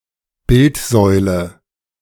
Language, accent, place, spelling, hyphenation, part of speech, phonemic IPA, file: German, Germany, Berlin, Bildsäule, Bild‧säu‧le, noun, /ˈbɪltˌzɔɪ̯lə/, De-Bildsäule.ogg
- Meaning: a statue in the form of a column usually featuring the effigy of a famous or important person